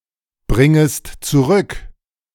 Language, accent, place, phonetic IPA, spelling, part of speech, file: German, Germany, Berlin, [ˌbʁɪŋəst t͡suˈʁʏk], bringest zurück, verb, De-bringest zurück.ogg
- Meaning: second-person singular subjunctive I of zurückbringen